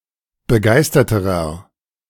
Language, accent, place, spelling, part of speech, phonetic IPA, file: German, Germany, Berlin, begeisterterer, adjective, [bəˈɡaɪ̯stɐtəʁɐ], De-begeisterterer.ogg
- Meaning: inflection of begeistert: 1. strong/mixed nominative masculine singular comparative degree 2. strong genitive/dative feminine singular comparative degree 3. strong genitive plural comparative degree